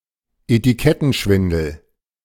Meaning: fraudulent labeling, label fraud
- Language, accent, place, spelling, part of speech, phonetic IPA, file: German, Germany, Berlin, Etikettenschwindel, noun, [etiˈkɛtn̩ˌʃvɪndl̩], De-Etikettenschwindel.ogg